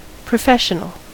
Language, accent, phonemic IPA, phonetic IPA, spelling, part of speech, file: English, US, /pɹəˈfɛʃ.ə.nəl/, [pɹəˈfɛʃ.nəl], professional, noun / adjective, En-us-professional.ogg
- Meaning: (noun) 1. A person who belongs to a profession 2. A white-collar worker, especially one with a specialized, high-earning job such as a doctor or engineer